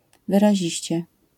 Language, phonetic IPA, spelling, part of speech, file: Polish, [ˌvɨraˈʑiɕt͡ɕɛ], wyraziście, adverb, LL-Q809 (pol)-wyraziście.wav